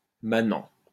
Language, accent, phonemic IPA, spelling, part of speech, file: French, France, /ma.nɑ̃/, manant, noun, LL-Q150 (fra)-manant.wav
- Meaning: 1. peasant 2. yokel, bumpkin